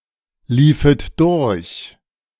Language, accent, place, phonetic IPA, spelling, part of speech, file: German, Germany, Berlin, [ˌliːfət ˈdʊʁç], liefet durch, verb, De-liefet durch.ogg
- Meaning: second-person plural subjunctive II of durchlaufen